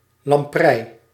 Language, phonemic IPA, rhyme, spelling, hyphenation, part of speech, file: Dutch, /lɑmˈprɛi̯/, -ɛi̯, lamprei, lam‧prei, noun, Nl-lamprei.ogg
- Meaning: 1. lamprey (fish of the order Petromyzontiformes) 2. bunny (a young rabbit)